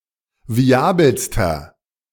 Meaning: inflection of viabel: 1. strong/mixed nominative masculine singular superlative degree 2. strong genitive/dative feminine singular superlative degree 3. strong genitive plural superlative degree
- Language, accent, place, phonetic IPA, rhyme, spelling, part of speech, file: German, Germany, Berlin, [viˈaːbl̩stɐ], -aːbl̩stɐ, viabelster, adjective, De-viabelster.ogg